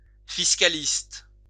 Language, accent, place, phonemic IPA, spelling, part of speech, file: French, France, Lyon, /fis.ka.list/, fiscaliste, noun, LL-Q150 (fra)-fiscaliste.wav
- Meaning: 1. a taxation expert 2. an economist that believes fiscal policy is of paramount importance in economic regulation